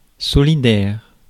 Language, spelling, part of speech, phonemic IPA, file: French, solidaire, adjective, /sɔ.li.dɛʁ/, Fr-solidaire.ogg
- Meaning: 1. solidary, showing solidarity (with) 2. interdependent